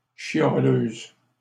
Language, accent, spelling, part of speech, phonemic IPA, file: French, Canada, chialeuses, adjective, /ʃja.løz/, LL-Q150 (fra)-chialeuses.wav
- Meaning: feminine plural of chialeux